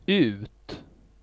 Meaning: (adverb) out (to out); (interjection) get out!; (postposition) from a certain point within a time span until the end of that time span (and possibly further in time)
- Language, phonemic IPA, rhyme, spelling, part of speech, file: Swedish, /ʉːt/, -ʉːt, ut, adverb / interjection / postposition, Sv-ut.ogg